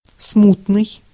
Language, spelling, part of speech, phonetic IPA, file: Russian, смутный, adjective, [ˈsmutnɨj], Ru-смутный.ogg
- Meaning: 1. disturbed by troubles or revolts; chaotic 2. nebulous, indistinct, hazy, vague 3. anxious, troubled, worried